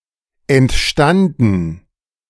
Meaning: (verb) past participle of entstehen; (adjective) 1. originated 2. spontaneous; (verb) first/third-person plural preterite of entstehen
- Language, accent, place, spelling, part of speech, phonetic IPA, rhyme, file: German, Germany, Berlin, entstanden, verb, [ɛntˈʃtandn̩], -andn̩, De-entstanden.ogg